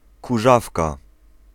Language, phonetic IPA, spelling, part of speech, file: Polish, [kuˈʒafka], kurzawka, noun, Pl-kurzawka.ogg